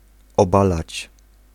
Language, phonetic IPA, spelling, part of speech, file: Polish, [ɔˈbalat͡ɕ], obalać, verb, Pl-obalać.ogg